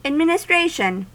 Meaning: The act of administering; government of public affairs; the service rendered, or duties assumed, in conducting affairs; the conducting of any office or employment; direction
- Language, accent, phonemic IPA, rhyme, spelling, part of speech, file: English, US, /ədˌmɪn.əˈstɹeɪ.ʃən/, -eɪʃən, administration, noun, En-us-administration.ogg